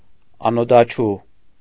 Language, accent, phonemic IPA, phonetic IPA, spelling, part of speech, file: Armenian, Eastern Armenian, /ɑnotʰɑˈt͡ʃʰu/, [ɑnotʰɑt͡ʃʰú], անօդաչու, adjective / noun, Hy-անօդաչու.ogg
- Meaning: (adjective) unmanned (of aerial vehicles); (noun) ellipsis of անօդաչու թռչող սարք (anōdačʻu tʻṙčʻoġ sarkʻ, “UAV, unmanned aerial vehicle”)